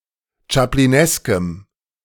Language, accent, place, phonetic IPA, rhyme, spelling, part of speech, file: German, Germany, Berlin, [t͡ʃapliˈnɛskəm], -ɛskəm, chaplineskem, adjective, De-chaplineskem.ogg
- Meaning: strong dative masculine/neuter singular of chaplinesk